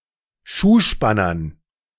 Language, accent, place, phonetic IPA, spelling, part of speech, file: German, Germany, Berlin, [ˈʃuːˌʃpanɐn], Schuhspannern, noun, De-Schuhspannern.ogg
- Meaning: dative plural of Schuhspanner